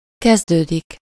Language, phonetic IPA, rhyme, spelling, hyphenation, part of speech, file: Hungarian, [ˈkɛzdøːdik], -øːdik, kezdődik, kez‧dő‧dik, verb, Hu-kezdődik.ogg
- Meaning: to begin, to commence